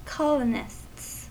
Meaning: plural of colonist
- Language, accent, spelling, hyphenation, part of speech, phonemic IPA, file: English, US, colonists, col‧o‧nists, noun, /ˈkɑlənɪsts/, En-us-colonists.ogg